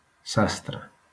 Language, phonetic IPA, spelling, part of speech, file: Catalan, [ˈsas.tɾə], sastre, noun, LL-Q7026 (cat)-sastre.wav
- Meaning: tailor